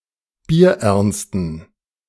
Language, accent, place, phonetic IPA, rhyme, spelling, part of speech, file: German, Germany, Berlin, [biːɐ̯ˈʔɛʁnstn̩], -ɛʁnstn̩, bierernsten, adjective, De-bierernsten.ogg
- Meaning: inflection of bierernst: 1. strong genitive masculine/neuter singular 2. weak/mixed genitive/dative all-gender singular 3. strong/weak/mixed accusative masculine singular 4. strong dative plural